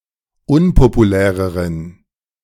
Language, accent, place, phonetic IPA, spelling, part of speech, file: German, Germany, Berlin, [ˈʊnpopuˌlɛːʁəʁən], unpopuläreren, adjective, De-unpopuläreren.ogg
- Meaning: inflection of unpopulär: 1. strong genitive masculine/neuter singular comparative degree 2. weak/mixed genitive/dative all-gender singular comparative degree